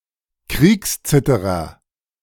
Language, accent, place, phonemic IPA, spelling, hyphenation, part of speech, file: German, Germany, Berlin, /ˈkʁiːksˌt͡sɪtəʁɐ/, Kriegszitterer, Kriegs‧zit‧te‧rer, noun, De-Kriegszitterer.ogg
- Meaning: First World War veteran with shell shock